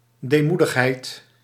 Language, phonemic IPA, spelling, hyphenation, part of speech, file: Dutch, /ˌdeːˈmu.dəx.ɦɛi̯t/, deemoedigheid, dee‧moe‧dig‧heid, noun, Nl-deemoedigheid.ogg
- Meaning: humility, modesty, meekness